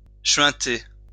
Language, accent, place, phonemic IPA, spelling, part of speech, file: French, France, Lyon, /ʃɥɛ̃.te/, chuinter, verb, LL-Q150 (fra)-chuinter.wav
- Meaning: 1. to hoot, screech 2. to buzz, whirr, whoosh 3. to creak 4. to swish 5. to hiss